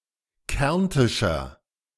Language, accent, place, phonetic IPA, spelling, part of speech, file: German, Germany, Berlin, [ˈkɛʁntɪʃɐ], kärntischer, adjective, De-kärntischer.ogg
- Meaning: 1. comparative degree of kärntisch 2. inflection of kärntisch: strong/mixed nominative masculine singular 3. inflection of kärntisch: strong genitive/dative feminine singular